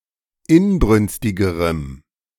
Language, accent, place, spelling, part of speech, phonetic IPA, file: German, Germany, Berlin, inbrünstigerem, adjective, [ˈɪnˌbʁʏnstɪɡəʁəm], De-inbrünstigerem.ogg
- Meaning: strong dative masculine/neuter singular comparative degree of inbrünstig